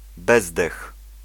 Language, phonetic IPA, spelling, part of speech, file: Polish, [ˈbɛzdɛx], bezdech, noun, Pl-bezdech.ogg